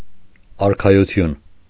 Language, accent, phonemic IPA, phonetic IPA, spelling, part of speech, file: Armenian, Eastern Armenian, /ɑɾkʰɑjuˈtʰjun/, [ɑɾkʰɑjut͡sʰjún], արքայություն, noun, Hy-արքայություն.ogg
- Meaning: kingdom